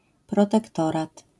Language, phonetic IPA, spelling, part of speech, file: Polish, [ˌprɔtɛkˈtɔrat], protektorat, noun, LL-Q809 (pol)-protektorat.wav